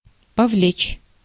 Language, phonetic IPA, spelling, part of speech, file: Russian, [pɐˈvlʲet͡ɕ], повлечь, verb, Ru-повлечь.ogg
- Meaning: 1. to entail, to bring about 2. to attract, to draw, to pull, to haul 3. to incur